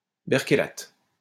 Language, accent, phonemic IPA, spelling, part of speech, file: French, France, /bɛʁ.ke.lat/, berkélate, noun, LL-Q150 (fra)-berkélate.wav
- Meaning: berkelate